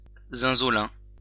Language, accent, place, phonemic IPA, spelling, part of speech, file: French, France, Lyon, /zɛ̃.zɔ.lɛ̃/, zinzolin, adjective, LL-Q150 (fra)-zinzolin.wav
- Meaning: reddish-violet